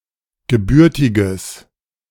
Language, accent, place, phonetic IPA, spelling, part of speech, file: German, Germany, Berlin, [ɡəˈbʏʁtɪɡəs], gebürtiges, adjective, De-gebürtiges.ogg
- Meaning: strong/mixed nominative/accusative neuter singular of gebürtig